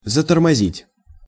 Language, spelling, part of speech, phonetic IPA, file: Russian, затормозить, verb, [zətərmɐˈzʲitʲ], Ru-затормозить.ogg
- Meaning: 1. to brake 2. to hinder, to impede, to slow down